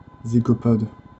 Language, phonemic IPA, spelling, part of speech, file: French, /zi.ɡɔ.pɔd/, zygopode, noun, FR-zygopode.ogg
- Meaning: zygopodium